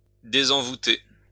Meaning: to unbewitch, disenchant; to exorcise
- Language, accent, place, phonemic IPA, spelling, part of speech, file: French, France, Lyon, /de.zɑ̃.vu.te/, désenvoûter, verb, LL-Q150 (fra)-désenvoûter.wav